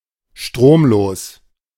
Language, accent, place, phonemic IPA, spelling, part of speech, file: German, Germany, Berlin, /ˈʃtʁoːmˌloːs/, stromlos, adjective, De-stromlos.ogg
- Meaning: dead (having no electric current)